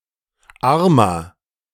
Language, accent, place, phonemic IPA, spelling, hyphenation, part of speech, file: German, Germany, Berlin, /ˈaʁmɐ/, Armer, Ar‧mer, noun, De-Armer.ogg
- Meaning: 1. pauper, poor person (male or of unspecified gender) 2. inflection of Arme: strong genitive/dative singular 3. inflection of Arme: strong genitive plural